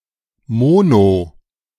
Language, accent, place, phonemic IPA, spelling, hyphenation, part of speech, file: German, Germany, Berlin, /ˈmɔno/, mono-, mo‧no-, prefix, De-mono-.ogg
- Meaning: mono- (having only one of something)